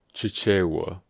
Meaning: The Bantu language of the Chewa tribe belonging to the Bantu linguistic family and one of Malawi’s national tongues promoted as the country’s lingua franca
- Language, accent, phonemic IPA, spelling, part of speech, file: English, US, /t͡ʃɪˈt͡ʃɛwə/, Chichewa, proper noun, En-us-Chichewa.ogg